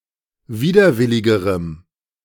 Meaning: strong dative masculine/neuter singular comparative degree of widerwillig
- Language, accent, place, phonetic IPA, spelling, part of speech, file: German, Germany, Berlin, [ˈviːdɐˌvɪlɪɡəʁəm], widerwilligerem, adjective, De-widerwilligerem.ogg